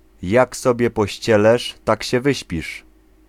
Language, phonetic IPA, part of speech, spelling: Polish, [ˈjak ˈsɔbʲjɛ pɔˈɕt͡ɕɛlɛʃ ˈtac‿ɕɛ ˈvɨɕpʲiʃ], proverb, jak sobie pościelesz, tak się wyśpisz